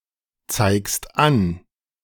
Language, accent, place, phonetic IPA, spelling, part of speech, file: German, Germany, Berlin, [ˌt͡saɪ̯kst ˈan], zeigst an, verb, De-zeigst an.ogg
- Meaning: second-person singular present of anzeigen